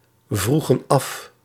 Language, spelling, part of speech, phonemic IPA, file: Dutch, vroegen af, verb, /ˈvruɣə(n) ˈɑf/, Nl-vroegen af.ogg
- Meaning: inflection of afvragen: 1. plural past indicative 2. plural past subjunctive